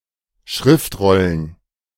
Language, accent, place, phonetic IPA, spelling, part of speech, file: German, Germany, Berlin, [ˈʃʁɪftˌʁɔlən], Schriftrollen, noun, De-Schriftrollen.ogg
- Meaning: plural of Schriftrolle